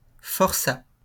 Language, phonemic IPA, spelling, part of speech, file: French, /fɔʁ.sa/, forçat, noun, LL-Q150 (fra)-forçat.wav
- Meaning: 1. convict 2. galley slave